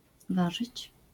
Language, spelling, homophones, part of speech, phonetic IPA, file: Polish, ważyć, warzyć, verb, [ˈvaʒɨt͡ɕ], LL-Q809 (pol)-ważyć.wav